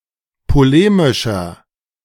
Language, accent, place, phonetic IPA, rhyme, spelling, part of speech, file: German, Germany, Berlin, [poˈleːmɪʃɐ], -eːmɪʃɐ, polemischer, adjective, De-polemischer.ogg
- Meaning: 1. comparative degree of polemisch 2. inflection of polemisch: strong/mixed nominative masculine singular 3. inflection of polemisch: strong genitive/dative feminine singular